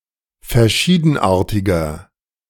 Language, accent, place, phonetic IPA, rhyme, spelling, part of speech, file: German, Germany, Berlin, [fɛɐ̯ˈʃiːdn̩ˌʔaːɐ̯tɪɡɐ], -iːdn̩ʔaːɐ̯tɪɡɐ, verschiedenartiger, adjective, De-verschiedenartiger.ogg
- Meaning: 1. comparative degree of verschiedenartig 2. inflection of verschiedenartig: strong/mixed nominative masculine singular 3. inflection of verschiedenartig: strong genitive/dative feminine singular